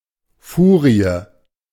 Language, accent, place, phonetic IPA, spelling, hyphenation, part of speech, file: German, Germany, Berlin, [ˈfuːʁiə], Furie, Fu‧rie, noun, De-Furie.ogg
- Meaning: 1. Fury 2. fury (an angry or malignant woman)